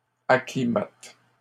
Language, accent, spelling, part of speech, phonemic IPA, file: French, Canada, acclimates, verb, /a.kli.mat/, LL-Q150 (fra)-acclimates.wav
- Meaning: second-person singular present indicative/subjunctive of acclimater